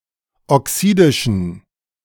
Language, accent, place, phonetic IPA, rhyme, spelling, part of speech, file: German, Germany, Berlin, [ɔˈksiːdɪʃn̩], -iːdɪʃn̩, oxidischen, adjective, De-oxidischen.ogg
- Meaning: inflection of oxidisch: 1. strong genitive masculine/neuter singular 2. weak/mixed genitive/dative all-gender singular 3. strong/weak/mixed accusative masculine singular 4. strong dative plural